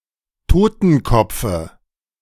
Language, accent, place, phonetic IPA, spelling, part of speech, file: German, Germany, Berlin, [ˈtoːtn̩ˌkɔp͡fə], Totenkopfe, noun, De-Totenkopfe.ogg
- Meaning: dative of Totenkopf